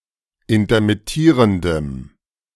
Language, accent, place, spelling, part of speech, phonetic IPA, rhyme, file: German, Germany, Berlin, intermittierendem, adjective, [intɐmɪˈtiːʁəndəm], -iːʁəndəm, De-intermittierendem.ogg
- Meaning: strong dative masculine/neuter singular of intermittierend